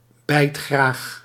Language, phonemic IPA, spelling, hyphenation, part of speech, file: Dutch, /ˈbɛi̯t.xraːx/, bijtgraag, bijt‧graag, adjective, Nl-bijtgraag.ogg
- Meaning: mordacious, prone to biting